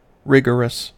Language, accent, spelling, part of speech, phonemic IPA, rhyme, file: English, US, rigorous, adjective, /ˈɹɪɡəɹəs/, -ɪɡəɹəs, En-us-rigorous.ogg
- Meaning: 1. Showing, causing, or favoring rigour/rigor; scrupulously accurate or strict; thorough 2. Severe; intense